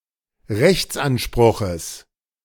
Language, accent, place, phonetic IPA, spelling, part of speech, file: German, Germany, Berlin, [ˈʁɛçt͡sʔanˌʃpʁʊxəs], Rechtsanspruches, noun, De-Rechtsanspruches.ogg
- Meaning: genitive of Rechtsanspruch